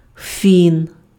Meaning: 1. Finn (male) 2. godson 3. genitive/accusative plural of фі́на (fína)
- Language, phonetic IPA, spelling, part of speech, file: Ukrainian, [fʲin], фін, noun, Uk-фін.ogg